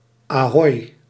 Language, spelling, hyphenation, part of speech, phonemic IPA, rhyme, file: Dutch, ahoi, ahoi, interjection, /aːˈɦɔi̯/, -ɔi̯, Nl-ahoi.ogg
- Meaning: a general greeting between ships